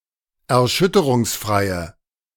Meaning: inflection of erschütterungsfrei: 1. strong/mixed nominative/accusative feminine singular 2. strong nominative/accusative plural 3. weak nominative all-gender singular
- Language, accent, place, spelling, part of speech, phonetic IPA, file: German, Germany, Berlin, erschütterungsfreie, adjective, [ɛɐ̯ˈʃʏtəʁʊŋsˌfʁaɪ̯ə], De-erschütterungsfreie.ogg